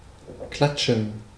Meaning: 1. to clap 2. to gossip, to tattle, to chitchat 3. to beat; to beat up
- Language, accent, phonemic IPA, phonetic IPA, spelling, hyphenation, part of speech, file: German, Germany, /ˈklatʃən/, [ˈklatʃn̩], klatschen, klat‧schen, verb, De-klatschen.ogg